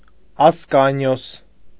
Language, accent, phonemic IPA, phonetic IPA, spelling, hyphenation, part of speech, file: Armenian, Eastern Armenian, /ɑsˈkɑnijos/, [ɑskɑ́nijos], Ասկանիոս, Աս‧կա‧նի‧ոս, proper noun, Hy-Ասկանիոս.ogg
- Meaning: Ascanius